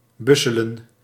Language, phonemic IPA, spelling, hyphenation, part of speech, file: Dutch, /ˈbʏ.sə.lə(n)/, busselen, bus‧se‧len, verb, Nl-busselen.ogg
- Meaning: to wrap into a bundle